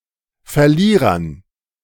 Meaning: dative plural of Verlierer
- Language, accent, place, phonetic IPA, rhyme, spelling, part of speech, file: German, Germany, Berlin, [fɛɐ̯ˈliːʁɐn], -iːʁɐn, Verlierern, noun, De-Verlierern.ogg